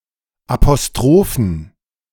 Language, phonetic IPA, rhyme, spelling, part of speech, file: German, [apoˈstʁoːfn̩], -oːfn̩, Apostrophen, noun, De-Apostrophen.ogg
- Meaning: dative plural of Apostroph